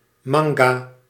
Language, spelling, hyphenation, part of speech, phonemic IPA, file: Dutch, manga, man‧ga, noun, /ˈmɑŋ.ɡaː/, Nl-manga.ogg
- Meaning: 1. manga 2. mango 3. mango tree, Mangifera indica